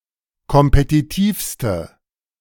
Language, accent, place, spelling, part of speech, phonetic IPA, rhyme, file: German, Germany, Berlin, kompetitivste, adjective, [kɔmpetiˈtiːfstə], -iːfstə, De-kompetitivste.ogg
- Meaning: inflection of kompetitiv: 1. strong/mixed nominative/accusative feminine singular superlative degree 2. strong nominative/accusative plural superlative degree